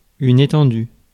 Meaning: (adjective) 1. extensive (wide) 2. widespread; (verb) past participle of étendre
- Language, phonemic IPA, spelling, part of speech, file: French, /e.tɑ̃.dy/, étendu, adjective / verb, Fr-étendu.ogg